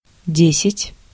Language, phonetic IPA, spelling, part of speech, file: Russian, [ˈdʲesʲɪtʲ], десять, numeral, Ru-десять.ogg
- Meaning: ten (10)